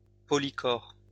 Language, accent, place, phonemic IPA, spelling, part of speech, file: French, France, Lyon, /pɔ.li.kɔʁ/, polychore, noun, LL-Q150 (fra)-polychore.wav
- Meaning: polychoron